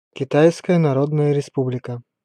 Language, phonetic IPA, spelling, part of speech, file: Russian, [kʲɪˈtajskəjə nɐˈrodnəjə rʲɪˈspublʲɪkə], Китайская Народная Республика, proper noun, Ru-Китайская Народная Республика.ogg
- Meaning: People's Republic of China (official name of China: a country in East Asia)